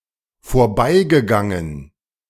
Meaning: past participle of vorbeigehen
- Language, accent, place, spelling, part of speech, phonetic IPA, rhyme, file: German, Germany, Berlin, vorbeigegangen, verb, [foːɐ̯ˈbaɪ̯ɡəˌɡaŋən], -aɪ̯ɡəɡaŋən, De-vorbeigegangen.ogg